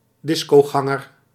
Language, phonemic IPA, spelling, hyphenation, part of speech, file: Dutch, /ˈdɪs.koːˌɣɑ.ŋər/, discoganger, dis‧co‧gan‧ger, noun, Nl-discoganger.ogg
- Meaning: disco-goer, someone who goes to a disco